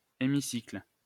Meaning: 1. semicircle 2. the benches of the French National Assembly or a foreign parliamentary setting similarly configured
- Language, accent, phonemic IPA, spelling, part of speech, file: French, France, /e.mi.sikl/, hémicycle, noun, LL-Q150 (fra)-hémicycle.wav